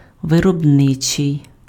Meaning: 1. production (attributive) 2. industrial
- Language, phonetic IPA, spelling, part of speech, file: Ukrainian, [ʋerɔbˈnɪt͡ʃei̯], виробничий, adjective, Uk-виробничий.ogg